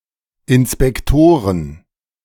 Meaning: plural of Inspektor
- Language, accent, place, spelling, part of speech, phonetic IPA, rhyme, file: German, Germany, Berlin, Inspektoren, noun, [ɪnspɛkˈtoːʁən], -oːʁən, De-Inspektoren.ogg